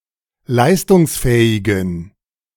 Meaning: inflection of leistungsfähig: 1. strong genitive masculine/neuter singular 2. weak/mixed genitive/dative all-gender singular 3. strong/weak/mixed accusative masculine singular 4. strong dative plural
- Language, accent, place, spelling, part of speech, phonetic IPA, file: German, Germany, Berlin, leistungsfähigen, adjective, [ˈlaɪ̯stʊŋsˌfɛːɪɡn̩], De-leistungsfähigen.ogg